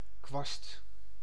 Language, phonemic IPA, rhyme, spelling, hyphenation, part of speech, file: Dutch, /kʋɑst/, -ɑst, kwast, kwast, noun, Nl-kwast.ogg
- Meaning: 1. tassel 2. fine-haired brush 3. knot (in wood) 4. weird and/or stuck-up person